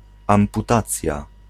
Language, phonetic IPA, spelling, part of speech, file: Polish, [ˌãmpuˈtat͡sʲja], amputacja, noun, Pl-amputacja.ogg